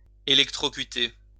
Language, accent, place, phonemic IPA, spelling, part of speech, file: French, France, Lyon, /e.lɛk.tʁɔ.ky.te/, électrocuter, verb, LL-Q150 (fra)-électrocuter.wav
- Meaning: to electrocute